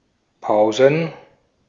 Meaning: plural of Pause
- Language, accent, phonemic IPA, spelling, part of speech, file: German, Austria, /ˈpaʊ̯zən/, Pausen, noun, De-at-Pausen.ogg